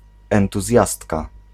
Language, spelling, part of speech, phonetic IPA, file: Polish, entuzjastka, noun, [ˌɛ̃ntuˈzʲjastka], Pl-entuzjastka.ogg